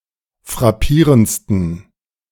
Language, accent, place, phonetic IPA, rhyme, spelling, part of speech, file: German, Germany, Berlin, [fʁaˈpiːʁənt͡stn̩], -iːʁənt͡stn̩, frappierendsten, adjective, De-frappierendsten.ogg
- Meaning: 1. superlative degree of frappierend 2. inflection of frappierend: strong genitive masculine/neuter singular superlative degree